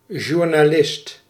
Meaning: press journalist
- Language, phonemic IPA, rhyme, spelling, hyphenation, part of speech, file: Dutch, /ʒurnaːˈlɪst/, -ɪst, journalist, jour‧na‧list, noun, Nl-journalist.ogg